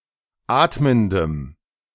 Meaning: strong dative masculine/neuter singular of atmend
- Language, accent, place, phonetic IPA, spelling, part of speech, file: German, Germany, Berlin, [ˈaːtməndəm], atmendem, adjective, De-atmendem.ogg